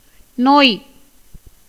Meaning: 1. disease, sickness, illness, ailment 2. sorrow, grief 3. affliction, trouble 4. dread, fear 5. ache, pain, smart
- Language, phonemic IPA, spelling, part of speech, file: Tamil, /noːj/, நோய், noun, Ta-நோய்.ogg